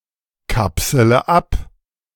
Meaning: inflection of abkapseln: 1. first-person singular present 2. first/third-person singular subjunctive I 3. singular imperative
- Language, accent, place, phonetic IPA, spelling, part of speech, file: German, Germany, Berlin, [ˌkapsələ ˈap], kapsele ab, verb, De-kapsele ab.ogg